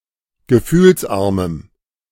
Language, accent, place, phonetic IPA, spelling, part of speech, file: German, Germany, Berlin, [ɡəˈfyːlsˌʔaʁməm], gefühlsarmem, adjective, De-gefühlsarmem.ogg
- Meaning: strong dative masculine/neuter singular of gefühlsarm